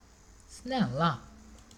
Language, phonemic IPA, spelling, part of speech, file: Swedish, /ˈsnɛlːˌa/, snälla, adjective / adverb, Sv-snälla.ogg
- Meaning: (adjective) inflection of snäll: 1. definite singular 2. plural; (adverb) please (when pleading)